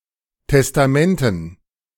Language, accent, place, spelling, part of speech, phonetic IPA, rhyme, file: German, Germany, Berlin, Testamenten, noun, [tɛstaˈmɛntn̩], -ɛntn̩, De-Testamenten.ogg
- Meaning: dative plural of Testament